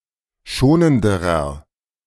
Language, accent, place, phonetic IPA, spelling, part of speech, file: German, Germany, Berlin, [ˈʃoːnəndəʁɐ], schonenderer, adjective, De-schonenderer.ogg
- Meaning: inflection of schonend: 1. strong/mixed nominative masculine singular comparative degree 2. strong genitive/dative feminine singular comparative degree 3. strong genitive plural comparative degree